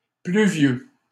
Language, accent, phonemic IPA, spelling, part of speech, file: French, Canada, /ply.vjø/, pluvieux, adjective, LL-Q150 (fra)-pluvieux.wav
- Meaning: rainy (characterised by rain)